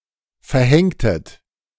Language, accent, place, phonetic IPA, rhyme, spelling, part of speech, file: German, Germany, Berlin, [fɛɐ̯ˈhɛŋtət], -ɛŋtət, verhängtet, verb, De-verhängtet.ogg
- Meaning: inflection of verhängen: 1. second-person plural preterite 2. second-person plural subjunctive II